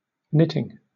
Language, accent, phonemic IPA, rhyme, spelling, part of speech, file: English, Southern England, /ˈnɪtɪŋ/, -ɪtɪŋ, knitting, verb / noun, LL-Q1860 (eng)-knitting.wav
- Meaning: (verb) present participle and gerund of knit; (noun) 1. The action of the verb to knit; the process of producing knitted material 2. Material that has been, or is being knitted